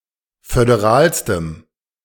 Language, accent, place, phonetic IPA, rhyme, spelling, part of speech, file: German, Germany, Berlin, [fødeˈʁaːlstəm], -aːlstəm, föderalstem, adjective, De-föderalstem.ogg
- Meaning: strong dative masculine/neuter singular superlative degree of föderal